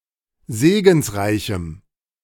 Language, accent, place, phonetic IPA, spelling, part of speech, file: German, Germany, Berlin, [ˈzeːɡn̩sˌʁaɪ̯çm̩], segensreichem, adjective, De-segensreichem.ogg
- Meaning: strong dative masculine/neuter singular of segensreich